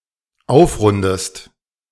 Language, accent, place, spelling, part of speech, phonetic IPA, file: German, Germany, Berlin, aufrundest, verb, [ˈaʊ̯fˌʁʊndəst], De-aufrundest.ogg
- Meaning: inflection of aufrunden: 1. second-person singular dependent present 2. second-person singular dependent subjunctive I